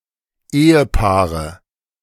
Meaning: nominative/accusative/genitive plural of Ehepaar
- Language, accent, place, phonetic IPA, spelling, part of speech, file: German, Germany, Berlin, [ˈeːəˌpaːʁə], Ehepaare, noun, De-Ehepaare.ogg